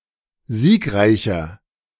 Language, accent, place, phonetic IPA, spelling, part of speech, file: German, Germany, Berlin, [ˈziːkˌʁaɪ̯çɐ], siegreicher, adjective, De-siegreicher.ogg
- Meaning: 1. comparative degree of siegreich 2. inflection of siegreich: strong/mixed nominative masculine singular 3. inflection of siegreich: strong genitive/dative feminine singular